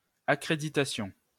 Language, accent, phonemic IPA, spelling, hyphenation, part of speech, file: French, France, /a.kʁe.di.ta.sjɔ̃/, accréditation, ac‧cré‧di‧ta‧tion, noun, LL-Q150 (fra)-accréditation.wav
- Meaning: accreditation